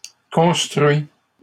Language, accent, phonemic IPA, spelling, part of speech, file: French, Canada, /kɔ̃s.tʁɥi/, construis, verb, LL-Q150 (fra)-construis.wav
- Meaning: inflection of construire: 1. first/second-person singular present indicative 2. second-person singular imperative